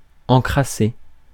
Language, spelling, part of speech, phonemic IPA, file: French, encrassé, verb, /ɑ̃.kʁa.se/, Fr-encrassé.ogg
- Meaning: past participle of encrasser